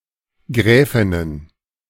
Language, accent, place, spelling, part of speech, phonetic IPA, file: German, Germany, Berlin, Gräfinnen, noun, [ˈɡʁɛːfɪnən], De-Gräfinnen.ogg
- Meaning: plural of Gräfin